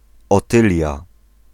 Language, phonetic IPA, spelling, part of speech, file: Polish, [ɔˈtɨlʲja], Otylia, proper noun, Pl-Otylia.ogg